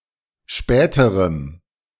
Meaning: strong dative masculine/neuter singular comparative degree of spät
- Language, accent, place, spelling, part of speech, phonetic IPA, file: German, Germany, Berlin, späterem, adjective, [ˈʃpɛːtəʁəm], De-späterem.ogg